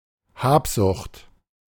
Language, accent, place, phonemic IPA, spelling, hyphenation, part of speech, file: German, Germany, Berlin, /ˈhaːpzʊxt/, Habsucht, Hab‧sucht, noun, De-Habsucht.ogg
- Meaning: greed